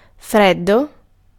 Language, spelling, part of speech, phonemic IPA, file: Italian, freddo, adjective / noun, /ˈfreddo/, It-freddo.ogg